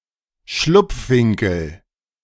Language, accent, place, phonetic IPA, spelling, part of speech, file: German, Germany, Berlin, [ˈʃlʊp͡fˌvɪŋkl̩], Schlupfwinkel, noun, De-Schlupfwinkel.ogg
- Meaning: 1. nook, corner 2. hideout, lair